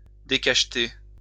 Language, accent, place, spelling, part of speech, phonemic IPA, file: French, France, Lyon, décacheter, verb, /de.kaʃ.te/, LL-Q150 (fra)-décacheter.wav
- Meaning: to unseal; to open (that which was sealed)